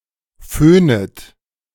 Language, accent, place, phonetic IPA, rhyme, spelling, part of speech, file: German, Germany, Berlin, [ˈføːnət], -øːnət, föhnet, verb, De-föhnet.ogg
- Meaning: second-person plural subjunctive I of föhnen